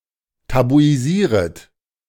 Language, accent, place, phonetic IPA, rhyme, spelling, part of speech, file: German, Germany, Berlin, [tabuiˈziːʁət], -iːʁət, tabuisieret, verb, De-tabuisieret.ogg
- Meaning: second-person plural subjunctive I of tabuisieren